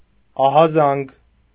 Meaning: 1. alarm 2. warning, alert
- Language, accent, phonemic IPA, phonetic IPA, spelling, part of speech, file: Armenian, Eastern Armenian, /ɑhɑˈzɑnɡ/, [ɑhɑzɑ́ŋɡ], ահազանգ, noun, Hy-ահազանգ.ogg